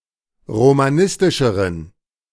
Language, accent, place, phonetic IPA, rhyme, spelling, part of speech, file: German, Germany, Berlin, [ʁomaˈnɪstɪʃəʁən], -ɪstɪʃəʁən, romanistischeren, adjective, De-romanistischeren.ogg
- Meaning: inflection of romanistisch: 1. strong genitive masculine/neuter singular comparative degree 2. weak/mixed genitive/dative all-gender singular comparative degree